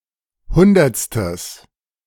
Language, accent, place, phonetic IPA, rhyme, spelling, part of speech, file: German, Germany, Berlin, [ˈhʊndɐt͡stəs], -ʊndɐt͡stəs, hundertstes, adjective, De-hundertstes.ogg
- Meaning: strong/mixed nominative/accusative neuter singular of hundertste